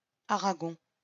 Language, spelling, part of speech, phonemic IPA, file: French, Aragon, proper noun, /a.ʁa.ɡɔ̃/, LL-Q150 (fra)-Aragon.wav
- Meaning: Aragon (a medieval kingdom, now an autonomous community, in northeastern Spain)